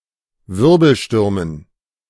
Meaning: dative plural of Wirbelsturm
- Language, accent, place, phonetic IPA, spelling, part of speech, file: German, Germany, Berlin, [ˈvɪʁbl̩ˌʃtʏʁmən], Wirbelstürmen, noun, De-Wirbelstürmen.ogg